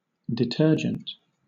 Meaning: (noun) Any non-soap cleaning agent, especially a synthetic surfactant; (adjective) Synonym of cleansing
- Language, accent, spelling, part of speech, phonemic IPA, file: English, Southern England, detergent, noun / adjective, /dɪˈtɜːd͡ʒənt/, LL-Q1860 (eng)-detergent.wav